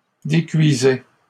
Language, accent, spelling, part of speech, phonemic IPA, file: French, Canada, décuisais, verb, /de.kɥi.zɛ/, LL-Q150 (fra)-décuisais.wav
- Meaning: first/second-person singular imperfect indicative of décuire